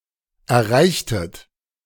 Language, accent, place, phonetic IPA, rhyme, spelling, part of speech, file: German, Germany, Berlin, [ɛɐ̯ˈʁaɪ̯çtət], -aɪ̯çtət, erreichtet, verb, De-erreichtet.ogg
- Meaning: inflection of erreichen: 1. second-person plural preterite 2. second-person plural subjunctive II